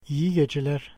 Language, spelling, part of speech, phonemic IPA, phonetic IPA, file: Turkish, iyi geceler, interjection, /i.ji ɟe.d͡ʒeˈleɾ/, [i.ji ɟɛ.d͡ʒɛˈleɾ], İyi geceler.ogg
- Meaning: good night